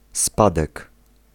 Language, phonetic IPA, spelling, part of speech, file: Polish, [ˈspadɛk], spadek, noun, Pl-spadek.ogg